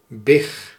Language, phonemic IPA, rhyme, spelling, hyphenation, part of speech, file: Dutch, /bɪx/, -ɪx, big, big, noun, Nl-big.ogg
- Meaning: piglet, little pig